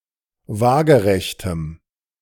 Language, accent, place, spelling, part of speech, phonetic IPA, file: German, Germany, Berlin, waagerechtem, adjective, [ˈvaːɡəʁɛçtəm], De-waagerechtem.ogg
- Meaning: strong dative masculine/neuter singular of waagerecht